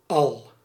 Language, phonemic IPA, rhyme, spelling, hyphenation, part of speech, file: Dutch, /ɑl/, -ɑl, al, al, determiner / adverb / conjunction, Nl-al.ogg
- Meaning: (determiner) all, all of; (adverb) 1. already 2. yet 3. emphatic modifier of adverbs 4. synonym of wel (“opposite of not”); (conjunction) even if